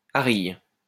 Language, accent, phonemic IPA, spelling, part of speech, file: French, France, /a.ʁij/, arille, noun, LL-Q150 (fra)-arille.wav
- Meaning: aril